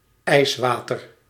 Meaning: ice water (water chilled by means of ice)
- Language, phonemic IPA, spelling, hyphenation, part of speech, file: Dutch, /ˈɛi̯sˌʋaː.tər/, ijswater, ijs‧wa‧ter, noun, Nl-ijswater.ogg